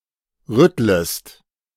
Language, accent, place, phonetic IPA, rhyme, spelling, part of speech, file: German, Germany, Berlin, [ˈʁʏtləst], -ʏtləst, rüttlest, verb, De-rüttlest.ogg
- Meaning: second-person singular subjunctive I of rütteln